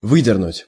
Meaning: to pull out
- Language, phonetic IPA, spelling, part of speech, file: Russian, [ˈvɨdʲɪrnʊtʲ], выдернуть, verb, Ru-выдернуть.ogg